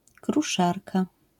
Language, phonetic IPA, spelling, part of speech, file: Polish, [kruˈʃarka], kruszarka, noun, LL-Q809 (pol)-kruszarka.wav